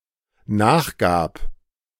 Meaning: first/third-person singular dependent preterite of nachgeben
- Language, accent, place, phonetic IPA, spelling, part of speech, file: German, Germany, Berlin, [ˈnaːxˌɡaːp], nachgab, verb, De-nachgab.ogg